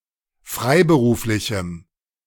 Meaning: strong dative masculine/neuter singular of freiberuflich
- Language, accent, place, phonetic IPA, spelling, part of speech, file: German, Germany, Berlin, [ˈfʁaɪ̯bəˌʁuːflɪçm̩], freiberuflichem, adjective, De-freiberuflichem.ogg